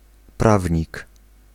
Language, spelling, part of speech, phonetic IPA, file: Polish, prawnik, noun, [ˈpravʲɲik], Pl-prawnik.ogg